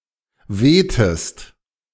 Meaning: inflection of wehen: 1. second-person singular preterite 2. second-person singular subjunctive II
- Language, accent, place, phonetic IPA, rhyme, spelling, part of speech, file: German, Germany, Berlin, [ˈveːtəst], -eːtəst, wehtest, verb, De-wehtest.ogg